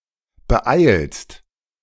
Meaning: second-person singular present of beeilen
- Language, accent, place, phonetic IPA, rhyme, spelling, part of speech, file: German, Germany, Berlin, [bəˈʔaɪ̯lst], -aɪ̯lst, beeilst, verb, De-beeilst.ogg